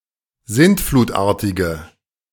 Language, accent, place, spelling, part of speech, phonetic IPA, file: German, Germany, Berlin, sintflutartige, adjective, [ˈzɪntfluːtˌʔaːɐ̯tɪɡə], De-sintflutartige.ogg
- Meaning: inflection of sintflutartig: 1. strong/mixed nominative/accusative feminine singular 2. strong nominative/accusative plural 3. weak nominative all-gender singular